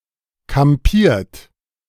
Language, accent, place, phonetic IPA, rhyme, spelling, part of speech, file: German, Germany, Berlin, [kamˈpiːɐ̯t], -iːɐ̯t, kampiert, verb, De-kampiert.ogg
- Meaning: 1. past participle of kampieren 2. inflection of kampieren: second-person plural present 3. inflection of kampieren: third-person singular present 4. inflection of kampieren: plural imperative